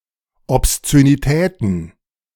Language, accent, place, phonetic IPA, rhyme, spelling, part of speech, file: German, Germany, Berlin, [ɔpst͡søniˈtɛːtn̩], -ɛːtn̩, Obszönitäten, noun, De-Obszönitäten.ogg
- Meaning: plural of Obszönität